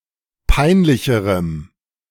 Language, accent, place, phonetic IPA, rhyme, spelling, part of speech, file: German, Germany, Berlin, [ˈpaɪ̯nˌlɪçəʁəm], -aɪ̯nlɪçəʁəm, peinlicherem, adjective, De-peinlicherem.ogg
- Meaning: strong dative masculine/neuter singular comparative degree of peinlich